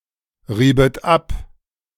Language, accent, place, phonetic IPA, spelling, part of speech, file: German, Germany, Berlin, [ˌʁiːbət ˈap], riebet ab, verb, De-riebet ab.ogg
- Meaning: second-person plural subjunctive II of abreiben